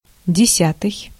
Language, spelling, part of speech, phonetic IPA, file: Russian, десятый, adjective, [dʲɪˈsʲatɨj], Ru-десятый.ogg
- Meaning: tenth